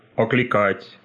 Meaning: to hail, to call (to)
- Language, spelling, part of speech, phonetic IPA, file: Russian, окликать, verb, [ɐklʲɪˈkatʲ], Ru-окликать.ogg